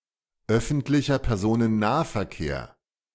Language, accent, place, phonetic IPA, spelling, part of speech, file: German, Germany, Berlin, [ˌœfn̩tlɪçɐ pɛʁˌzoːnənˈnaːfɛɐ̯keːɐ̯], öffentlicher Personennahverkehr, phrase, De-öffentlicher Personennahverkehr.ogg
- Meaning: public transport